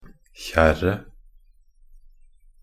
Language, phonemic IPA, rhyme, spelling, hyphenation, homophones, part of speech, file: Norwegian Bokmål, /ˈçɛrːə/, -ɛrːə, kjerret, kjerr‧et, kjerre, noun, Nb-kjerret.ogg
- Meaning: definite singular of kjerr